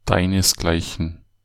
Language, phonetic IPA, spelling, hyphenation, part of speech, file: German, [ˈdaɪ̯nəsˌɡlaɪ̯çən], deinesgleichen, dei‧nes‧glei‧chen, pronoun, De-deinesgleichen.ogg
- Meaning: 1. the likes of you (sg.), someone like you (sg.) 2. someone equal to you (sg.)